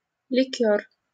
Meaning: liqueur
- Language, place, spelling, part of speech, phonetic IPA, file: Russian, Saint Petersburg, ликёр, noun, [lʲɪˈkʲɵr], LL-Q7737 (rus)-ликёр.wav